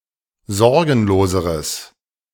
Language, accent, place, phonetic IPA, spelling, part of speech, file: German, Germany, Berlin, [ˈzɔʁɡn̩loːzəʁəs], sorgenloseres, adjective, De-sorgenloseres.ogg
- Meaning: strong/mixed nominative/accusative neuter singular comparative degree of sorgenlos